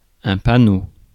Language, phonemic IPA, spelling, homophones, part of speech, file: French, /pa.no/, panneau, panneaux / paonneau / paonneaux, noun, Fr-panneau.ogg
- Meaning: 1. sign; signpost 2. panel